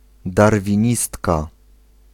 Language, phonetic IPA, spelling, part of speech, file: Polish, [ˌdarvʲĩˈɲistka], darwinistka, noun, Pl-darwinistka.ogg